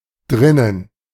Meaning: inside (a room)
- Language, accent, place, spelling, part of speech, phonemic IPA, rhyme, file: German, Germany, Berlin, drinnen, adverb, /ˈdʁɪnən/, -ɪnən, De-drinnen.ogg